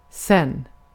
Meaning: alternative form of sedan
- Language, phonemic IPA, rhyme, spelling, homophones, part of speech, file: Swedish, /sɛn/, -ɛnː, sen, zen, adverb, Sv-sen.ogg